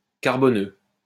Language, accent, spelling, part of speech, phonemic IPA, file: French, France, carboneux, adjective, /kaʁ.bɔ.nø/, LL-Q150 (fra)-carboneux.wav
- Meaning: carbonic, carbonaceous